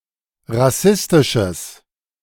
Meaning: strong/mixed nominative/accusative neuter singular of rassistisch
- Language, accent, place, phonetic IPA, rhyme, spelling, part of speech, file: German, Germany, Berlin, [ʁaˈsɪstɪʃəs], -ɪstɪʃəs, rassistisches, adjective, De-rassistisches.ogg